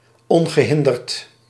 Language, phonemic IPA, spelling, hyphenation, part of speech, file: Dutch, /ˌɔn.ɣəˈɦɪn.dərt/, ongehinderd, on‧ge‧hin‧derd, adjective, Nl-ongehinderd.ogg
- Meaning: unimpeded, unhindered, unobstructed